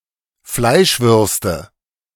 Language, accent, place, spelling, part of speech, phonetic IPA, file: German, Germany, Berlin, Fleischwürste, noun, [ˈflaɪ̯ʃˌvʏʁstə], De-Fleischwürste.ogg
- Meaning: nominative/accusative/genitive plural of Fleischwurst